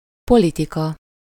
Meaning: 1. politics 2. policy (plan or course of action)
- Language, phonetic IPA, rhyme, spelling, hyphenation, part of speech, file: Hungarian, [ˈpolitikɒ], -kɒ, politika, po‧li‧ti‧ka, noun, Hu-politika.ogg